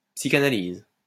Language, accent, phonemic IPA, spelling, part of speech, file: French, France, /psi.ka.na.liz/, psychanalyse, noun / verb, LL-Q150 (fra)-psychanalyse.wav
- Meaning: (noun) psychoanalysis (family of psychological theories); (verb) inflection of psychanalyser: 1. first/third-person singular present indicative/subjunctive 2. second-person singular imperative